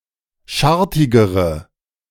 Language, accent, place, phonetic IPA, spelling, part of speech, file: German, Germany, Berlin, [ˈʃaʁtɪɡəʁə], schartigere, adjective, De-schartigere.ogg
- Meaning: inflection of schartig: 1. strong/mixed nominative/accusative feminine singular comparative degree 2. strong nominative/accusative plural comparative degree